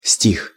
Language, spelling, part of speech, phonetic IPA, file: Russian, стих, noun / verb, [sʲtʲix], Ru-стих.ogg
- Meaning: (noun) 1. line of poetry 2. verse 3. poem, poems 4. work of ancient folk poetry on a religious theme (usually with the adjective Духо́вный (Duxóvnyj, “Spiritual”)) 5. mood